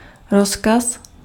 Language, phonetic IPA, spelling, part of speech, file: Czech, [ˈroskas], rozkaz, noun, Cs-rozkaz.ogg
- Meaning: order, command